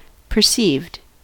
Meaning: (adjective) 1. Generally recognized to be true 2. As seen or understood by someone; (verb) simple past and past participle of perceive
- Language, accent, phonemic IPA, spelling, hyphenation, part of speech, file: English, US, /pɚˈsivd/, perceived, per‧ceived, adjective / verb, En-us-perceived.ogg